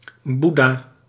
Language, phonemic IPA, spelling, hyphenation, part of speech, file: Dutch, /ˈbu.daː/, Boeddha, Boed‧dha, proper noun, Nl-Boeddha.ogg
- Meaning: Buddha (Siddhartha Gautama)